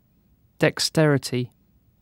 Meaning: Skill in performing tasks, especially with the hands
- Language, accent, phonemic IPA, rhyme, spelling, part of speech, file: English, UK, /dɛksˈtɛɹɪti/, -ɛɹɪti, dexterity, noun, En-uk-dexterity.ogg